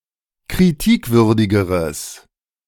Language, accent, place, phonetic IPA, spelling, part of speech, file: German, Germany, Berlin, [kʁiˈtiːkˌvʏʁdɪɡəʁəs], kritikwürdigeres, adjective, De-kritikwürdigeres.ogg
- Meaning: strong/mixed nominative/accusative neuter singular comparative degree of kritikwürdig